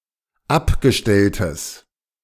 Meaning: strong/mixed nominative/accusative neuter singular of abgestellt
- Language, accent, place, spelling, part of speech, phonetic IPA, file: German, Germany, Berlin, abgestelltes, adjective, [ˈapɡəˌʃtɛltəs], De-abgestelltes.ogg